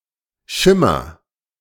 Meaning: inflection of schimmern: 1. first-person singular present 2. singular imperative
- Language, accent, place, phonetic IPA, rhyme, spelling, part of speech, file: German, Germany, Berlin, [ˈʃɪmɐ], -ɪmɐ, schimmer, verb, De-schimmer.ogg